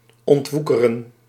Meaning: 1. to undo the effects of usury, more specifically of a woekerpolis 2. to gain something through great effort 3. to remove overgrowth
- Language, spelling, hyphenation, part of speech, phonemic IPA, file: Dutch, ontwoekeren, ont‧woe‧ke‧ren, verb, /ˌɔntˈʋu.kə.rə(n)/, Nl-ontwoekeren.ogg